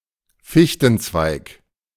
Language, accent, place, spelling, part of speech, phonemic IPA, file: German, Germany, Berlin, Fichtenzweig, noun, /ˈfiçtn̩tsvaɪ̯k/, De-Fichtenzweig.ogg
- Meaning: spruce branch